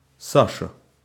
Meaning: a diminutive, Sasha, of the male given name Алекса́ндр (Aleksándr), equivalent to English Sasha, Alex, or Xander
- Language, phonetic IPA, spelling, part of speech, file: Russian, [ˈsaʂə], Саша, proper noun, Ru-Саша.ogg